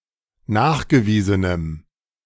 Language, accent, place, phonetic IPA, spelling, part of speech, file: German, Germany, Berlin, [ˈnaːxɡəˌviːzənəm], nachgewiesenem, adjective, De-nachgewiesenem.ogg
- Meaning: strong dative masculine/neuter singular of nachgewiesen